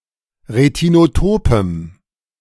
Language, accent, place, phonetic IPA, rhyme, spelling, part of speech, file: German, Germany, Berlin, [ʁetinoˈtoːpəm], -oːpəm, retinotopem, adjective, De-retinotopem.ogg
- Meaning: strong dative masculine/neuter singular of retinotop